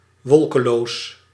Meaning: cloudless
- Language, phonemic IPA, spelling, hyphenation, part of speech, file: Dutch, /ˈʋɔl.kəˌloːs/, wolkeloos, wol‧ke‧loos, adjective, Nl-wolkeloos.ogg